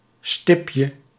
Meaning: diminutive of stip
- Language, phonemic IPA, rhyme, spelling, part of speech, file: Dutch, /ˈstɪp.jə/, -ɪpjə, stipje, noun, Nl-stipje.ogg